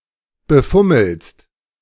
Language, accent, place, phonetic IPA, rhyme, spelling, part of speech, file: German, Germany, Berlin, [bəˈfʊml̩st], -ʊml̩st, befummelst, verb, De-befummelst.ogg
- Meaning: second-person singular present of befummeln